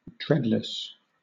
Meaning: 1. Feeling no dread or fear; unafraid 2. Exempt from danger which causes dread; secure
- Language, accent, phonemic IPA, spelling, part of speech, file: English, Southern England, /ˈdɹɛdləs/, dreadless, adjective, LL-Q1860 (eng)-dreadless.wav